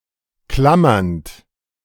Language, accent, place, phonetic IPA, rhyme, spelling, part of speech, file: German, Germany, Berlin, [ˈklamɐnt], -amɐnt, klammernd, verb, De-klammernd.ogg
- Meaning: present participle of klammern